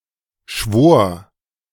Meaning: 1. first/third-person singular preterite of schwören 2. first/third-person singular preterite of schwären
- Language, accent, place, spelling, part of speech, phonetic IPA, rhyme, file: German, Germany, Berlin, schwor, verb, [ʃvoːɐ̯], -oːɐ̯, De-schwor.ogg